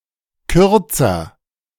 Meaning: comparative degree of kurz
- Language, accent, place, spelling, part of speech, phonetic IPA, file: German, Germany, Berlin, kürzer, adjective, [ˈkʏʁt͡sɐ], De-kürzer.ogg